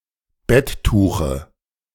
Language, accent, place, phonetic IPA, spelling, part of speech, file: German, Germany, Berlin, [ˈbɛtˌtuːxə], Betttuche, noun, De-Betttuche.ogg
- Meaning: dative singular of Betttuch